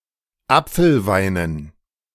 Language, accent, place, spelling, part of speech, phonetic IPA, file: German, Germany, Berlin, Apfelweinen, noun, [ˈap͡fl̩ˌvaɪ̯nən], De-Apfelweinen.ogg
- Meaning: dative plural of Apfelwein